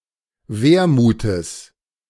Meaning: genitive singular of Wermut
- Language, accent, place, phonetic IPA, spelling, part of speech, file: German, Germany, Berlin, [ˈveːɐ̯muːtəs], Wermutes, noun, De-Wermutes.ogg